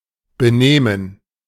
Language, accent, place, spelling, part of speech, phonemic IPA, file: German, Germany, Berlin, Benehmen, noun, /bɛ.ˈneː.mɛn/, De-Benehmen.ogg
- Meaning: behavior, demeanor, manners, conduct